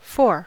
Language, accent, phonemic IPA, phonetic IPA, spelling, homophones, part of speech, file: English, US, /foɹ/, [foə], four, for / faugh / foe / faux, numeral / noun, En-us-four.ogg
- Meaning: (numeral) 1. A numerical value equal to 4; the number following three and preceding five 2. Describing a set or group with four elements; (noun) The digit or figure 4; an occurrence thereof